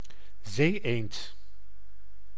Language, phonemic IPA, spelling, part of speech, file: Dutch, /ˈzeːˌeːnt/, zeeëend, noun, Nl-zeeëend.ogg
- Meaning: superseded spelling of zee-eend